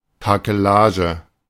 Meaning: rig, rigging (the arrangement of masts etc.)
- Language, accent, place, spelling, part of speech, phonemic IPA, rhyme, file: German, Germany, Berlin, Takelage, noun, /ˌtaːkəˈlaːʒə/, -aːʒə, De-Takelage.ogg